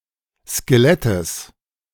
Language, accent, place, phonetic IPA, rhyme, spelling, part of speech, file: German, Germany, Berlin, [skeˈlɛtəs], -ɛtəs, Skelettes, noun, De-Skelettes.ogg
- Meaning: genitive singular of Skelett